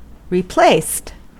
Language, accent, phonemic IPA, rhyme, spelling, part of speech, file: English, US, /ɹɪˈpleɪst/, -eɪst, replaced, verb, En-us-replaced.ogg
- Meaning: simple past and past participle of replace